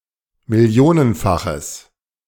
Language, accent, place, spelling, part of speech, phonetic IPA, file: German, Germany, Berlin, millionenfaches, adjective, [mɪˈli̯oːnənˌfaxəs], De-millionenfaches.ogg
- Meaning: strong/mixed nominative/accusative neuter singular of millionenfach